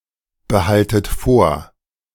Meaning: inflection of vorbehalten: 1. second-person plural present 2. second-person plural subjunctive I 3. plural imperative
- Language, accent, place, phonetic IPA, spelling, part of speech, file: German, Germany, Berlin, [bəˌhaltət ˈfoːɐ̯], behaltet vor, verb, De-behaltet vor.ogg